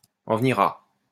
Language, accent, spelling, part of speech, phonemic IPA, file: French, France, en venir à, verb, /ɑ̃ v(ə).niʁ a/, LL-Q150 (fra)-en venir à.wav
- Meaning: To come to the point of; to end up (doing something)